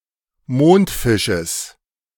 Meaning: genitive singular of Mondfisch
- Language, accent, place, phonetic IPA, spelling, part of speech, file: German, Germany, Berlin, [ˈmoːntˌfɪʃəs], Mondfisches, noun, De-Mondfisches.ogg